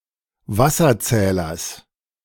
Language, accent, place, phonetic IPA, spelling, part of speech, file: German, Germany, Berlin, [ˈvasɐˌt͡sɛːlɐs], Wasserzählers, noun, De-Wasserzählers.ogg
- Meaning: genitive singular of Wasserzähler